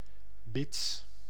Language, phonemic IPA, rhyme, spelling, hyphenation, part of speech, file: Dutch, /bɪts/, -ɪts, bits, bits, adjective / noun, Nl-bits.ogg
- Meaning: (adjective) 1. abrupt, snappy, unfriendly 2. prone to biting; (noun) plural of bit